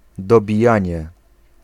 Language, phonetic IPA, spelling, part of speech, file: Polish, [ˌdɔbʲiˈjä̃ɲɛ], dobijanie, noun, Pl-dobijanie.ogg